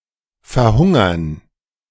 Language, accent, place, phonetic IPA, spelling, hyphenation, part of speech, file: German, Germany, Berlin, [fɛɐ̯ˈhʊŋɐ], verhungern, ver‧hun‧gern, verb, De-verhungern.ogg
- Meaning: to starve to death